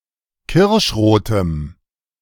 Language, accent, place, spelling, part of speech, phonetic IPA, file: German, Germany, Berlin, kirschrotem, adjective, [ˈkɪʁʃˌʁoːtəm], De-kirschrotem.ogg
- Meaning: strong dative masculine/neuter singular of kirschrot